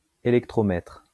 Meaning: electrometer
- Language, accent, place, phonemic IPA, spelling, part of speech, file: French, France, Lyon, /e.lɛk.tʁɔ.mɛtʁ/, électromètre, noun, LL-Q150 (fra)-électromètre.wav